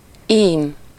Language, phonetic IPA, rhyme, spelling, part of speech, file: Hungarian, [ˈiːm], -iːm, ím, interjection, Hu-ím.ogg
- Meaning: behold! see! lo!